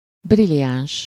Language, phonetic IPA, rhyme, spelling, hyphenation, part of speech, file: Hungarian, [ˈbrilijaːnʃ], -aːnʃ, briliáns, bri‧li‧áns, adjective / noun, Hu-briliáns.ogg
- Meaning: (adjective) brilliant (surpassing excellence); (noun) brilliant (a finely cut gemstone, especially a diamond)